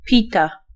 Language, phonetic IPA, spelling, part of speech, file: Polish, [ˈpʲita], pita, noun / verb, Pl-pita.ogg